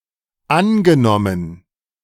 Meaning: past participle of annehmen
- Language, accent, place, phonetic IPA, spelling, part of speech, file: German, Germany, Berlin, [ˈanɡəˌnɔmən], angenommen, verb, De-angenommen.ogg